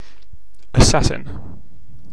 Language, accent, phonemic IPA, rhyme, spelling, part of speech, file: English, UK, /əˈsæsɪn/, -æsɪn, assassin, noun / verb, En-uk-assassin.oga
- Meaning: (noun) 1. Someone who intentionally kills a person, especially a professional who kills a public or political figure 2. Any ruthless killer